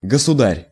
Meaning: 1. sovereign 2. Your Majesty 3. sire
- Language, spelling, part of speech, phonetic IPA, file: Russian, государь, noun, [ɡəsʊˈdarʲ], Ru-государь.ogg